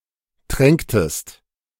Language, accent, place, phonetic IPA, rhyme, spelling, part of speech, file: German, Germany, Berlin, [ˈtʁɛŋktəst], -ɛŋktəst, tränktest, verb, De-tränktest.ogg
- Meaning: inflection of tränken: 1. second-person singular preterite 2. second-person singular subjunctive II